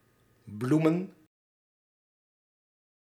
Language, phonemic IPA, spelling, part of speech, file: Dutch, /ˈblu.mə(n)/, bloemen, noun, Nl-bloemen.ogg
- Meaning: plural of bloem